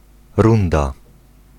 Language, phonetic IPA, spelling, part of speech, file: Polish, [ˈrũnda], runda, noun, Pl-runda.ogg